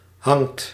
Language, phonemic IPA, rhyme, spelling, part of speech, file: Dutch, /ɦɑŋt/, -ɑŋt, hangt, verb, Nl-hangt.ogg
- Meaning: inflection of hangen: 1. second/third-person singular present indicative 2. plural imperative